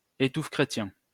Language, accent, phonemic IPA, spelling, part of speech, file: French, France, /e.tuf.kʁe.tjɛ̃/, étouffe-chrétien, noun, LL-Q150 (fra)-étouffe-chrétien.wav
- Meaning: stodge, stodgy meal